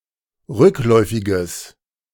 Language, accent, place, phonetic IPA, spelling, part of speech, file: German, Germany, Berlin, [ˈʁʏkˌlɔɪ̯fɪɡəs], rückläufiges, adjective, De-rückläufiges.ogg
- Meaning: strong/mixed nominative/accusative neuter singular of rückläufig